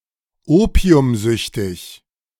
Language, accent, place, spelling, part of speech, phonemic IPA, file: German, Germany, Berlin, opiumsüchtig, adjective, /ˈoːpi̯ʊmˌzʏçtɪç/, De-opiumsüchtig.ogg
- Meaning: addicted to opium